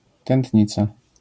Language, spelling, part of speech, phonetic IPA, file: Polish, tętnica, noun, [tɛ̃ntʲˈɲit͡sa], LL-Q809 (pol)-tętnica.wav